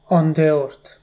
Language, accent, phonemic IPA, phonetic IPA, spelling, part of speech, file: Armenian, Eastern Armenian, /ɑndeˈoɾtʰ/, [ɑndeóɾtʰ], անդեորդ, noun, Hy-անդեորդ.ogg
- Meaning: 1. herdsman, shepherd 2. Boötes